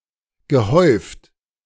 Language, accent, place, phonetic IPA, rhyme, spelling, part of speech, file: German, Germany, Berlin, [ɡəˈhɔɪ̯ft], -ɔɪ̯ft, gehäuft, verb, De-gehäuft.ogg
- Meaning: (verb) past participle of häufen; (adjective) 1. cumulative 2. heaped, piled, massed